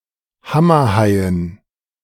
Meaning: dative plural of Hammerhai
- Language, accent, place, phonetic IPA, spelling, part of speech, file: German, Germany, Berlin, [ˈhamɐˌhaɪ̯ən], Hammerhaien, noun, De-Hammerhaien.ogg